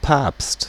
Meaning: pope (head of the Roman Catholic Church; title of other religious leaders such as the Coptic Pope)
- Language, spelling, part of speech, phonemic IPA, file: German, Papst, noun, /paːpst/, De-Papst.ogg